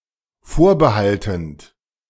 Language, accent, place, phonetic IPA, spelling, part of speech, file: German, Germany, Berlin, [ˈfoːɐ̯bəˌhaltn̩t], vorbehaltend, verb, De-vorbehaltend.ogg
- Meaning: present participle of vorbehalten